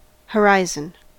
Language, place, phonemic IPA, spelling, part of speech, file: English, California, /həˈɹaɪ.zən/, horizon, noun, En-us-horizon.ogg
- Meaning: 1. The visible horizontal line (in all directions) where the sky appears to meet the earth in the distance 2. The range or limit of one's knowledge, experience or interest; a boundary or threshold